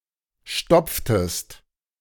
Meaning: inflection of stopfen: 1. second-person singular preterite 2. second-person singular subjunctive II
- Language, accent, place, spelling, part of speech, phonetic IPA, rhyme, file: German, Germany, Berlin, stopftest, verb, [ˈʃtɔp͡ftəst], -ɔp͡ftəst, De-stopftest.ogg